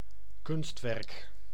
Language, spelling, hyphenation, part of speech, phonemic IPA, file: Dutch, kunstwerk, kunst‧werk, noun, /ˈkʏnst.ʋɛrk/, Nl-kunstwerk.ogg
- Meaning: 1. work of art 2. a man-made structure built with materials other than earth and sand, such as bridges, culverts, viaducts, tunnels, etc